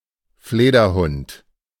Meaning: megabat
- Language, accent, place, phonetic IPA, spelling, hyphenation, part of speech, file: German, Germany, Berlin, [ˈfleːdɐˌhʊnt], Flederhund, Fle‧der‧hund, noun, De-Flederhund.ogg